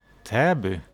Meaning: 1. a town in central Sweden, north of Stockholm 2. the name of several villages in Sweden
- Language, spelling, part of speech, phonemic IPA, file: Swedish, Täby, proper noun, /²ˈtɛ̌ːbʏ/, Sv-Täby.ogg